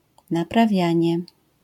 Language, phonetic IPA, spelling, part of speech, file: Polish, [ˌnapraˈvʲjä̃ɲɛ], naprawianie, noun, LL-Q809 (pol)-naprawianie.wav